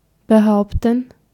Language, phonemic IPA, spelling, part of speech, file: German, /bəˈhaʊ̯ptən/, behaupten, verb, De-behaupten.ogg
- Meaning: 1. to claim, maintain, assert 2. to stand one's ground